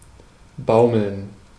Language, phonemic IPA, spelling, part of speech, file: German, /baʊ̯məln/, baumeln, verb, De-baumeln.ogg
- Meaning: 1. to dangle, to hang slack (swaying slightly) 2. to relax